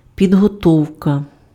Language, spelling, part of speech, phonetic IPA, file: Ukrainian, підготовка, noun, [pʲidɦɔˈtɔu̯kɐ], Uk-підготовка.ogg
- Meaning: 1. preparation 2. training (stock of knowledge, skills, experience, etc. acquired in the process of learning)